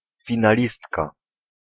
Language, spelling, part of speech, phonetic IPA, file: Polish, finalistka, noun, [ˌfʲĩnaˈlʲistka], Pl-finalistka.ogg